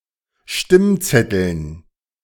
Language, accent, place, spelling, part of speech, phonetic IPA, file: German, Germany, Berlin, Stimmzetteln, noun, [ˈʃtɪmˌt͡sɛtl̩n], De-Stimmzetteln.ogg
- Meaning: dative plural of Stimmzettel